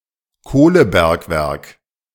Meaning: coalmine
- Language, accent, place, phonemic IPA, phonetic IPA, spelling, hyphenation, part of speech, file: German, Germany, Berlin, /ˈkoːləˌbɛɐ̯kvɛɐ̯k/, [ˈkoːləˌbɛʁkvɛʁk], Kohlebergwerk, Koh‧le‧berg‧werk, noun, De-Kohlebergwerk.ogg